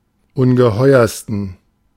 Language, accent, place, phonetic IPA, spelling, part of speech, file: German, Germany, Berlin, [ˈʊnɡəˌhɔɪ̯ɐstn̩], ungeheuersten, adjective, De-ungeheuersten.ogg
- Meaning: 1. superlative degree of ungeheuer 2. inflection of ungeheuer: strong genitive masculine/neuter singular superlative degree